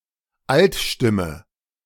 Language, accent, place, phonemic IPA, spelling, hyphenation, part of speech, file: German, Germany, Berlin, /ˈaltˌʃtɪmə/, Altstimme, Alt‧stim‧me, noun, De-Altstimme.ogg
- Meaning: 1. alto (pitch) 2. sheet music for alto